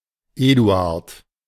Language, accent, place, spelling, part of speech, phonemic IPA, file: German, Germany, Berlin, Eduard, proper noun, /ˈeːˌdu̯aːrt/, De-Eduard.ogg
- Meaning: a male given name, equivalent to English Edward